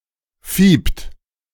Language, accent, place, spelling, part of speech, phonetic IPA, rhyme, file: German, Germany, Berlin, fiept, verb, [fiːpt], -iːpt, De-fiept.ogg
- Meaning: inflection of fiepen: 1. third-person singular present 2. second-person plural present 3. plural imperative